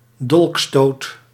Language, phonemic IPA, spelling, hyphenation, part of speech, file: Dutch, /ˈdɔlk.stoːt/, dolkstoot, dolk‧stoot, noun, Nl-dolkstoot.ogg
- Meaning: stab with a dagger (often connoting ignobility and treachery and also used figuratively)